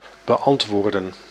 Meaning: to answer, reply to
- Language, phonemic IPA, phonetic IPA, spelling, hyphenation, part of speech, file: Dutch, /bəˈɑntʋoːrdə(n)/, [bəˈʔɑntʋoːrdə(n)], beantwoorden, be‧ant‧woor‧den, verb, Nl-beantwoorden.ogg